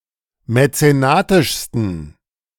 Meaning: 1. superlative degree of mäzenatisch 2. inflection of mäzenatisch: strong genitive masculine/neuter singular superlative degree
- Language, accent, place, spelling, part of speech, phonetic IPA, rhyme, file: German, Germany, Berlin, mäzenatischsten, adjective, [mɛt͡seˈnaːtɪʃstn̩], -aːtɪʃstn̩, De-mäzenatischsten.ogg